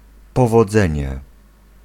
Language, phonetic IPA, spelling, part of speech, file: Polish, [ˌpɔvɔˈd͡zɛ̃ɲɛ], powodzenie, noun, Pl-powodzenie.ogg